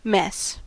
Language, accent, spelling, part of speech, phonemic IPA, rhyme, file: English, US, mess, noun / verb, /mɛs/, -ɛs, En-us-mess.ogg
- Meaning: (noun) 1. A thing or group of things in a disagreeable, disorganised, or dirty state; hence a bad situation 2. A large quantity or number 3. Excrement